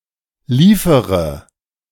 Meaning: inflection of liefern: 1. first-person singular present 2. first/third-person singular subjunctive I 3. singular imperative
- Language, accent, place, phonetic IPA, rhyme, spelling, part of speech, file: German, Germany, Berlin, [ˈliːfəʁə], -iːfəʁə, liefere, verb, De-liefere.ogg